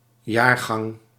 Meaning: volume (all issues of a periodical published in one year)
- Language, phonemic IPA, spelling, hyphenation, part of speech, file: Dutch, /ˈjaːr.ɣɑŋ/, jaargang, jaar‧gang, noun, Nl-jaargang.ogg